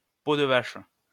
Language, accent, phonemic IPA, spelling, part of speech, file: French, France, /po d(ə) vaʃ/, peau de vache, noun, LL-Q150 (fra)-peau de vache.wav
- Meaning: battle axe, cat, nasty piece of work